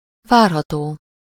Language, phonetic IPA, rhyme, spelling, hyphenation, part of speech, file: Hungarian, [ˈvaːrɦɒtoː], -toː, várható, vár‧ha‧tó, adjective, Hu-várható.ogg
- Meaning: expectable